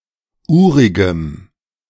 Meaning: strong dative masculine/neuter singular of urig
- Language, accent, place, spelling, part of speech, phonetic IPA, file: German, Germany, Berlin, urigem, adjective, [ˈuːʁɪɡəm], De-urigem.ogg